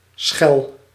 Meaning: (verb) inflection of schellen: 1. first-person singular present indicative 2. second-person singular present indicative 3. imperative
- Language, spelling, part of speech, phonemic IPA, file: Dutch, schel, noun / adjective / verb, /sxɛl/, Nl-schel.ogg